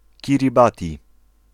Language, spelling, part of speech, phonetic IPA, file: Polish, Kiribati, proper noun, [ˌcirʲiˈbatʲi], Pl-Kiribati.ogg